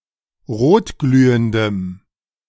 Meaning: strong dative masculine/neuter singular of rotglühend
- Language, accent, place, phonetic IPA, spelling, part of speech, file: German, Germany, Berlin, [ˈʁoːtˌɡlyːəndəm], rotglühendem, adjective, De-rotglühendem.ogg